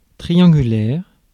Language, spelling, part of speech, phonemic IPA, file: French, triangulaire, adjective / noun, /tʁi.jɑ̃.ɡy.lɛʁ/, Fr-triangulaire.ogg
- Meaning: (adjective) triangular; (noun) three-way race, struggle etc